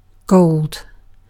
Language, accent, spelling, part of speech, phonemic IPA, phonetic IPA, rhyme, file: English, Received Pronunciation, gold, noun / symbol / adjective / verb / adverb, /ɡəʊld/, [ɡɒʊɫd], -əʊld, En-uk-gold.ogg
- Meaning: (noun) 1. (uncountable) A heavy yellow elemental metal of great value, with atomic number 79 2. A coin or coinage made of this material, or supposedly so